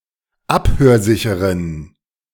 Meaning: inflection of abhörsicher: 1. strong genitive masculine/neuter singular 2. weak/mixed genitive/dative all-gender singular 3. strong/weak/mixed accusative masculine singular 4. strong dative plural
- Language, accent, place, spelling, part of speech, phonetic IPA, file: German, Germany, Berlin, abhörsicheren, adjective, [ˈaphøːɐ̯ˌzɪçəʁən], De-abhörsicheren.ogg